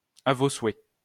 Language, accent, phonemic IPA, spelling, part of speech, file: French, France, /a vo swɛ/, à vos souhaits, interjection, LL-Q150 (fra)-à vos souhaits.wav
- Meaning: God bless you (used after the first sneeze)